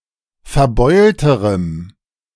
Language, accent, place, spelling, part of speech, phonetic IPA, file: German, Germany, Berlin, verbeulterem, adjective, [fɛɐ̯ˈbɔɪ̯ltəʁəm], De-verbeulterem.ogg
- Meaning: strong dative masculine/neuter singular comparative degree of verbeult